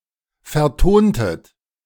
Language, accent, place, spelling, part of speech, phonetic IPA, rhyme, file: German, Germany, Berlin, vertontet, verb, [fɛɐ̯ˈtoːntət], -oːntət, De-vertontet.ogg
- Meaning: inflection of vertonen: 1. second-person plural preterite 2. second-person plural subjunctive II